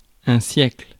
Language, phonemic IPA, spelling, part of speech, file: French, /sjɛkl/, siècle, noun, Fr-siècle.ogg
- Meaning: century (period of 100 years)